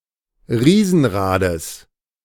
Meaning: genitive singular of Riesenrad
- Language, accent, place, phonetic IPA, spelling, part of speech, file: German, Germany, Berlin, [ˈʁiːzn̩ˌʁaːdəs], Riesenrades, noun, De-Riesenrades.ogg